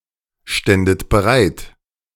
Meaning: second-person plural subjunctive II of bereitstehen
- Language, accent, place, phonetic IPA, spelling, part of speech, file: German, Germany, Berlin, [ˌʃtɛndət bəˈʁaɪ̯t], ständet bereit, verb, De-ständet bereit.ogg